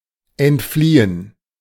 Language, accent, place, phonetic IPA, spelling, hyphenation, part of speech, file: German, Germany, Berlin, [ʔɛntˈfliːən], entfliehen, ent‧flie‧hen, verb, De-entfliehen.ogg
- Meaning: to escape